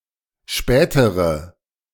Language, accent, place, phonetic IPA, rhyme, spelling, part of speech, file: German, Germany, Berlin, [ˈʃpɛːtəʁə], -ɛːtəʁə, spätere, adjective, De-spätere.ogg
- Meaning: inflection of spät: 1. strong/mixed nominative/accusative feminine singular comparative degree 2. strong nominative/accusative plural comparative degree